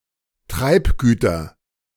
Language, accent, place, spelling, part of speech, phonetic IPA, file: German, Germany, Berlin, Treibgüter, noun, [ˈtʁaɪ̯pˌɡyːtɐ], De-Treibgüter.ogg
- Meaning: nominative/accusative/genitive plural of Treibgut